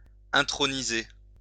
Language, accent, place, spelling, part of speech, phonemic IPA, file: French, France, Lyon, introniser, verb, /ɛ̃.tʁɔ.ni.ze/, LL-Q150 (fra)-introniser.wav
- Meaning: 1. to enthrone 2. to induct, to introduce into